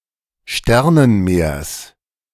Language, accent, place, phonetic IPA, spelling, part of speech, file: German, Germany, Berlin, [ˈʃtɛʁnənˌmeːɐ̯s], Sternenmeers, noun, De-Sternenmeers.ogg
- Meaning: genitive singular of Sternenmeer